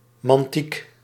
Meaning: manticism
- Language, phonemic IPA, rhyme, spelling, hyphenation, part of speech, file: Dutch, /mɑnˈtik/, -ik, mantiek, man‧tiek, noun, Nl-mantiek.ogg